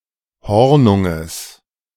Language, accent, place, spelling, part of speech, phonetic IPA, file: German, Germany, Berlin, Hornunges, noun, [ˈhɔʁnʊŋəs], De-Hornunges.ogg
- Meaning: genitive of Hornung